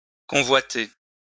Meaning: to covet, to desire
- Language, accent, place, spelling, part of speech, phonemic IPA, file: French, France, Lyon, convoiter, verb, /kɔ̃.vwa.te/, LL-Q150 (fra)-convoiter.wav